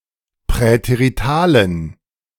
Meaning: inflection of präterital: 1. strong genitive masculine/neuter singular 2. weak/mixed genitive/dative all-gender singular 3. strong/weak/mixed accusative masculine singular 4. strong dative plural
- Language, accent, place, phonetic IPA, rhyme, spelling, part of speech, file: German, Germany, Berlin, [pʁɛteʁiˈtaːlən], -aːlən, präteritalen, adjective, De-präteritalen.ogg